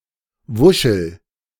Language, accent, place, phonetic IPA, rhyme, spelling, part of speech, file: German, Germany, Berlin, [ˈvʊʃl̩], -ʊʃl̩, wuschel, verb, De-wuschel.ogg
- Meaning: inflection of wuscheln: 1. first-person singular present 2. singular imperative